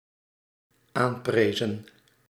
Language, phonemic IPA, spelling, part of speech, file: Dutch, /ˈamprezə(n)/, aanprezen, verb, Nl-aanprezen.ogg
- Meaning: inflection of aanprijzen: 1. plural dependent-clause past indicative 2. plural dependent-clause past subjunctive